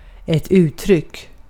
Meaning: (noun) 1. expression; a particular way of phrasing an idea 2. expression; a colloquialism or idiom 3. expression; a facial appearance usually associated with an emotion
- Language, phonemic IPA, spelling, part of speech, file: Swedish, /ʉːttrʏkː/, uttryck, noun / verb, Sv-uttryck.ogg